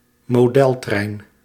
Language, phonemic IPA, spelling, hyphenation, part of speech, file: Dutch, /moːˈdɛlˌtrɛi̯n/, modeltrein, mo‧del‧trein, noun, Nl-modeltrein.ogg
- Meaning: 1. a model train 2. a model railway